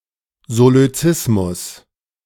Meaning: solecism
- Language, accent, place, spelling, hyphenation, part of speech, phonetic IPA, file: German, Germany, Berlin, Solözismus, So‧lö‧zis‧mus, noun, [zoløˈt͡sɪsmʊs], De-Solözismus.ogg